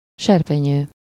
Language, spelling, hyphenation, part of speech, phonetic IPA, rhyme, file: Hungarian, serpenyő, ser‧pe‧nyő, noun, [ˈʃɛrpɛɲøː], -ɲøː, Hu-serpenyő.ogg
- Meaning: frying pan, skillet (long-handled, shallow pan used for frying food)